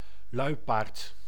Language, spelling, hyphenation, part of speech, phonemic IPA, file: Dutch, luipaard, lui‧paard, noun, /ˈlœy̯.paːrt/, Nl-luipaard.ogg
- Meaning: 1. leopard, panther (Panthera pardus) 2. leopard